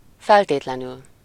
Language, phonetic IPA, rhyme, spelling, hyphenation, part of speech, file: Hungarian, [ˈfɛlteːtlɛnyl], -yl, feltétlenül, fel‧tét‧le‧nül, adverb, Hu-feltétlenül.ogg
- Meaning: 1. unconditionally, absolutely 2. definitely, by all means